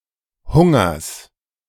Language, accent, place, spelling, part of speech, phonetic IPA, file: German, Germany, Berlin, Hungers, noun, [ˈhʊŋɐs], De-Hungers.ogg
- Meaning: genitive singular of Hunger